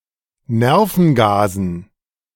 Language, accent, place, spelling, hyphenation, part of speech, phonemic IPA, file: German, Germany, Berlin, Nervengasen, Ner‧ven‧ga‧sen, noun, /ˈnɛʁfn̩ɡaːzn̩/, De-Nervengasen.ogg
- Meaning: dative plural of Nervengas